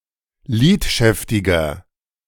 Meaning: 1. comparative degree of lidschäftig 2. inflection of lidschäftig: strong/mixed nominative masculine singular 3. inflection of lidschäftig: strong genitive/dative feminine singular
- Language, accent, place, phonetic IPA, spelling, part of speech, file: German, Germany, Berlin, [ˈliːtˌʃɛftɪɡɐ], lidschäftiger, adjective, De-lidschäftiger.ogg